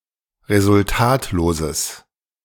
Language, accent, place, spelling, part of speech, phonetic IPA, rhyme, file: German, Germany, Berlin, resultatloses, adjective, [ʁezʊlˈtaːtloːzəs], -aːtloːzəs, De-resultatloses.ogg
- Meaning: strong/mixed nominative/accusative neuter singular of resultatlos